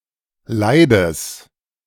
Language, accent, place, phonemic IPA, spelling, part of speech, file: German, Germany, Berlin, /ˈlaɪ̯dəs/, Leides, noun, De-Leides.ogg
- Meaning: genitive singular of Leid